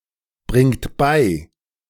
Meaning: inflection of beibringen: 1. third-person singular present 2. second-person plural present 3. plural imperative
- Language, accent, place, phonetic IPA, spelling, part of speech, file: German, Germany, Berlin, [ˌbʁɪŋt ˈbaɪ̯], bringt bei, verb, De-bringt bei.ogg